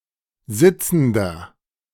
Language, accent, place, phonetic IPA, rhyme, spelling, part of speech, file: German, Germany, Berlin, [ˈzɪt͡sn̩dɐ], -ɪt͡sn̩dɐ, sitzender, adjective, De-sitzender.ogg
- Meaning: inflection of sitzend: 1. strong/mixed nominative masculine singular 2. strong genitive/dative feminine singular 3. strong genitive plural